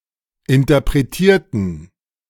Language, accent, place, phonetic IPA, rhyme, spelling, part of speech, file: German, Germany, Berlin, [ɪntɐpʁeˈtiːɐ̯tn̩], -iːɐ̯tn̩, interpretierten, adjective / verb, De-interpretierten.ogg
- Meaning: inflection of interpretieren: 1. first/third-person plural preterite 2. first/third-person plural subjunctive II